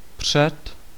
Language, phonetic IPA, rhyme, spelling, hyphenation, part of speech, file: Czech, [ˈpr̝̊ɛt], -ɛt, před, před, preposition, Cs-před.ogg
- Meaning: 1. before (in time) 2. before (in sequence) 3. before, in front of